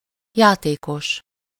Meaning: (adjective) playful; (noun) 1. player 2. gambler 3. player (a playable character in a video game)
- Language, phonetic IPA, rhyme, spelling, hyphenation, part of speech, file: Hungarian, [ˈjaːteːkoʃ], -oʃ, játékos, já‧té‧kos, adjective / noun, Hu-játékos.ogg